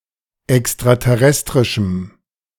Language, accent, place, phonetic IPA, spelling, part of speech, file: German, Germany, Berlin, [ɛkstʁatɛˈʁɛstʁɪʃm̩], extraterrestrischem, adjective, De-extraterrestrischem.ogg
- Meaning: strong dative masculine/neuter singular of extraterrestrisch